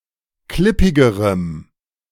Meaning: strong dative masculine/neuter singular comparative degree of klippig
- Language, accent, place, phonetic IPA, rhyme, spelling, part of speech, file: German, Germany, Berlin, [ˈklɪpɪɡəʁəm], -ɪpɪɡəʁəm, klippigerem, adjective, De-klippigerem.ogg